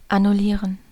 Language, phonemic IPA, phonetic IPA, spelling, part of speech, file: German, /anʊˈliːʁən/, [ʔanʊˈliːɐ̯n], annullieren, verb, De-annullieren.ogg
- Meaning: to annul, nullify, cancel